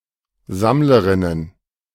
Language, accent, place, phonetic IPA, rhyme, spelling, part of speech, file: German, Germany, Berlin, [ˈzamləʁɪnən], -amləʁɪnən, Sammlerinnen, noun, De-Sammlerinnen.ogg
- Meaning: plural of Sammlerin